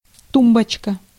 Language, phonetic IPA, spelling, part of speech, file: Russian, [ˈtumbət͡ɕkə], тумбочка, noun, Ru-тумбочка.ogg
- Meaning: 1. nightstand, bedside table, bedside cabinet 2. endearing diminutive of ту́мба (túmba): (low) cabinet 3. short, fat woman